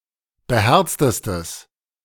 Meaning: strong/mixed nominative/accusative neuter singular superlative degree of beherzt
- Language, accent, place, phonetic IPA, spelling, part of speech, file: German, Germany, Berlin, [bəˈhɛʁt͡stəstəs], beherztestes, adjective, De-beherztestes.ogg